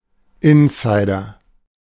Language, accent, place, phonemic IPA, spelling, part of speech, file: German, Germany, Berlin, /ˈɪnˌsaɪ̯dɐ/, Insider, noun, De-Insider.ogg
- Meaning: 1. insider (person with special knowledge) 2. in-joke; inside joke